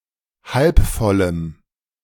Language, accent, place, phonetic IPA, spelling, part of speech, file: German, Germany, Berlin, [ˈhalpˌfɔləm], halbvollem, adjective, De-halbvollem.ogg
- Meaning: strong dative masculine/neuter singular of halbvoll